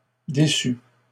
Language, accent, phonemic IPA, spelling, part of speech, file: French, Canada, /de.sy/, déçus, verb, LL-Q150 (fra)-déçus.wav
- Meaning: 1. first/second-person singular past historic of décevoir 2. masculine plural of déçu